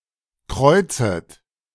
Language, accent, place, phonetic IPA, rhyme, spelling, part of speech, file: German, Germany, Berlin, [ˈkʁɔɪ̯t͡sət], -ɔɪ̯t͡sət, kreuzet, verb, De-kreuzet.ogg
- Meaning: second-person plural subjunctive I of kreuzen